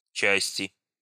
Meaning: inflection of часть (častʹ): 1. genitive/dative/prepositional singular 2. nominative/accusative plural
- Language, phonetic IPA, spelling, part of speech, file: Russian, [ˈt͡ɕæsʲtʲɪ], части, noun, Ru-части.ogg